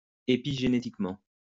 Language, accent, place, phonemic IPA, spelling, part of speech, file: French, France, Lyon, /e.pi.ʒe.ne.tik.mɑ̃/, épigénétiquement, adverb, LL-Q150 (fra)-épigénétiquement.wav
- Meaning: epigenetically